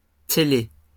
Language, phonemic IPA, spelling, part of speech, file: French, /te.le/, télé, noun, LL-Q150 (fra)-télé.wav
- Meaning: TV, telly